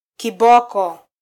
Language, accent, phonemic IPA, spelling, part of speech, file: Swahili, Kenya, /kiˈɓɔ.kɔ/, kiboko, noun, Sw-ke-kiboko.flac
- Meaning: 1. hippopotamus 2. whip, sjambok (whip typically made of hippopotamus hide)